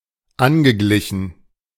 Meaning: past participle of angleichen
- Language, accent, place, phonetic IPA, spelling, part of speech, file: German, Germany, Berlin, [ˈanɡəˌɡlɪçn̩], angeglichen, verb, De-angeglichen.ogg